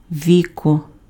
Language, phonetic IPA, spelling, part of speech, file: Ukrainian, [ˈʋʲikɔ], віко, noun, Uk-віко.ogg
- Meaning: lid, cover